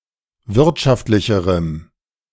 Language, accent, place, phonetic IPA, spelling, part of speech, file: German, Germany, Berlin, [ˈvɪʁtʃaftlɪçəʁəm], wirtschaftlicherem, adjective, De-wirtschaftlicherem.ogg
- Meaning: strong dative masculine/neuter singular comparative degree of wirtschaftlich